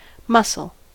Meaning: Any of several groups of bivalve shellfish with elongated, asymmetrical shells.: A saltwater mussel, usually edible, of the order Mytilida in subclass Pteriomorphia
- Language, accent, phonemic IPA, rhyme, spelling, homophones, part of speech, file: English, US, /ˈmʌsəl/, -ʌsəl, mussel, muscle, noun, En-us-mussel.ogg